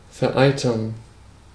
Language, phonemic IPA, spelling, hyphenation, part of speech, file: German, /fɛɐ̯ˈʔaɪ̯tɐn/, vereitern, ver‧ei‧tern, verb, De-vereitern.ogg
- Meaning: to suppurate